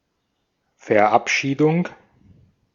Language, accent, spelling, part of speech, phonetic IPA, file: German, Austria, Verabschiedung, noun, [fɛɐ̯ˈʔapˌʃiːdʊŋ], De-at-Verabschiedung.ogg
- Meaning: 1. dismissal 2. seeing off 3. enactment, passage, adoption 4. funeral service, especially a Lutheran one